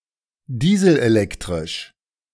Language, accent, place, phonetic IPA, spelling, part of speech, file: German, Germany, Berlin, [ˈdiːzl̩ʔeˌlɛktʁɪʃ], dieselelektrisch, adjective, De-dieselelektrisch.ogg
- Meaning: diesel-electric